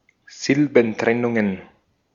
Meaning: plural of Silbentrennung
- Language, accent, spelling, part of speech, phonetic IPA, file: German, Austria, Silbentrennungen, noun, [ˈzɪlbn̩ˌtʁɛnʊŋən], De-at-Silbentrennungen.ogg